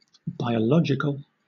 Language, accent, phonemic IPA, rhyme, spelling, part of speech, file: English, Southern England, /ˌbaɪ.ə(ʊ)ˈlɒd͡ʒ.ɪ.kəl/, -ɒdʒɪkəl, biological, adjective / noun, LL-Q1860 (eng)-biological.wav
- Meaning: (adjective) 1. Of or relating to biology 2. Relating to anatomy; anatomic, anatomical 3. Related by consanguinity, especially as to parents and children 4. Organic (grown without agrochemicals)